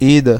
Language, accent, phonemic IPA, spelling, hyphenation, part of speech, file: Portuguese, Brazil, /ˈi.dɐ/, ida, i‧da, noun / verb, Pt-br-ida.ogg
- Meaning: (noun) 1. going 2. departure 3. trip; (verb) feminine singular of ido